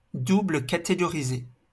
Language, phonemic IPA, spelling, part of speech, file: French, /ka.te.ɡɔ.ʁi.ze/, catégoriser, verb, LL-Q150 (fra)-catégoriser.wav
- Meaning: to categorize